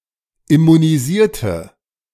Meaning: inflection of immunisieren: 1. first/third-person singular preterite 2. first/third-person singular subjunctive II
- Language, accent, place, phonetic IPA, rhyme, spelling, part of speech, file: German, Germany, Berlin, [ɪmuniˈziːɐ̯tə], -iːɐ̯tə, immunisierte, adjective / verb, De-immunisierte.ogg